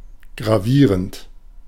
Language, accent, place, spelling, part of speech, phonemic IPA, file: German, Germany, Berlin, gravierend, adjective / verb, /ɡʁaˈviːʁənt/, De-gravierend.ogg
- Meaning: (adjective) grave, serious; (verb) present participle of gravieren (“to engrave”)